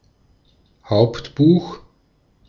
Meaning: ledger
- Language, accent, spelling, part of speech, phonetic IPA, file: German, Austria, Hauptbuch, noun, [ˈhaʊ̯ptˌbuːx], De-at-Hauptbuch.ogg